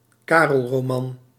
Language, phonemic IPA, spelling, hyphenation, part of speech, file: Dutch, /ˈkaː.rəl.roːˌmɑn/, Karelroman, Ka‧rel‧ro‧man, noun, Nl-Karelroman.ogg
- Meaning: Carolingian romance